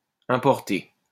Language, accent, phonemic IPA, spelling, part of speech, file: French, France, /ɛ̃.pɔʁ.te/, importé, verb, LL-Q150 (fra)-importé.wav
- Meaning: past participle of importer